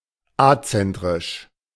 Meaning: acentric
- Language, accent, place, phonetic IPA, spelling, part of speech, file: German, Germany, Berlin, [ˈat͡sɛntʁɪʃ], azentrisch, adjective, De-azentrisch.ogg